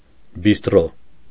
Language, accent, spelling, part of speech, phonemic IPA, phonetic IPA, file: Armenian, Eastern Armenian, բիստրո, noun, /bistˈɾo/, [bistɾó], Hy-բիստրո.ogg
- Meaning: bistro